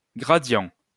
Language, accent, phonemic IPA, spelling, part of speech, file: French, France, /ɡʁa.djɑ̃/, gradient, noun, LL-Q150 (fra)-gradient.wav
- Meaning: gradient